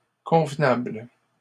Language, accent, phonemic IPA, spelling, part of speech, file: French, Canada, /kɔ̃v.nabl/, convenables, adjective, LL-Q150 (fra)-convenables.wav
- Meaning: plural of convenable